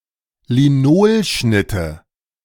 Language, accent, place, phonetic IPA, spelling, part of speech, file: German, Germany, Berlin, [liˈnoːlˌʃnɪtə], Linolschnitte, noun, De-Linolschnitte.ogg
- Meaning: nominative/accusative/genitive plural of Linolschnitt